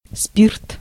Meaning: alcohol, spirits
- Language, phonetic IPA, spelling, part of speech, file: Russian, [spʲirt], спирт, noun, Ru-спирт.ogg